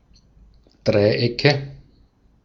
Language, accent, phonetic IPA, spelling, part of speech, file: German, Austria, [ˈdʁaɪ̯ˌʔɛkə], Dreiecke, noun, De-at-Dreiecke.ogg
- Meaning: nominative/accusative/genitive plural of Dreieck